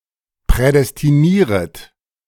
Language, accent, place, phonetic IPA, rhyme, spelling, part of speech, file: German, Germany, Berlin, [pʁɛdɛstiˈniːʁət], -iːʁət, prädestinieret, verb, De-prädestinieret.ogg
- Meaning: second-person plural subjunctive I of prädestinieren